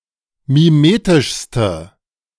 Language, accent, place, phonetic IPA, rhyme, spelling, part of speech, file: German, Germany, Berlin, [miˈmeːtɪʃstə], -eːtɪʃstə, mimetischste, adjective, De-mimetischste.ogg
- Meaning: inflection of mimetisch: 1. strong/mixed nominative/accusative feminine singular superlative degree 2. strong nominative/accusative plural superlative degree